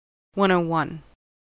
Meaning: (adjective) Of a fact, subject, etc.: basic, beginner-level, elementary; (noun) An introduction to a topic; a rundown of its basics
- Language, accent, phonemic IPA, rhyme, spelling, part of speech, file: English, General American, /ˌwʌnˌoʊˈwʌn/, -ʌn, 101, adjective / noun, En-us-101.ogg